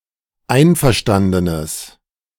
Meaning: strong/mixed nominative/accusative neuter singular of einverstanden
- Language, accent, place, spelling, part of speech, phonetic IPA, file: German, Germany, Berlin, einverstandenes, adjective, [ˈaɪ̯nfɛɐ̯ˌʃtandənəs], De-einverstandenes.ogg